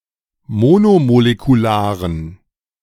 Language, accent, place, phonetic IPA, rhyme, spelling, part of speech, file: German, Germany, Berlin, [ˈmoːnomolekuˌlaːʁən], -aːʁən, monomolekularen, adjective, De-monomolekularen.ogg
- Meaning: inflection of monomolekular: 1. strong genitive masculine/neuter singular 2. weak/mixed genitive/dative all-gender singular 3. strong/weak/mixed accusative masculine singular 4. strong dative plural